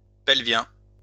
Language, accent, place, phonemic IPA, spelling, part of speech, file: French, France, Lyon, /pɛl.vjɛ̃/, pelvien, adjective, LL-Q150 (fra)-pelvien.wav
- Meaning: pelvic